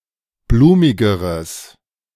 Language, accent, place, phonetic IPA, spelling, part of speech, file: German, Germany, Berlin, [ˈbluːmɪɡəʁəs], blumigeres, adjective, De-blumigeres.ogg
- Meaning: strong/mixed nominative/accusative neuter singular comparative degree of blumig